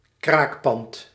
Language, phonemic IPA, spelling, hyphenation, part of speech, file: Dutch, /ˈkrakpɑnt/, kraakpand, kraak‧pand, noun, Nl-kraakpand.ogg
- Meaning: squat (Building occupied by squatters)